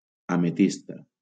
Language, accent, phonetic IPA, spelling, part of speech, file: Catalan, Valencia, [a.meˈtis.ta], ametista, noun, LL-Q7026 (cat)-ametista.wav
- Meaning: amethyst (gemstone and colour)